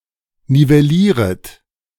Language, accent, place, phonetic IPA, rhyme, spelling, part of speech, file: German, Germany, Berlin, [nivɛˈliːʁət], -iːʁət, nivellieret, verb, De-nivellieret.ogg
- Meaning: second-person plural subjunctive I of nivellieren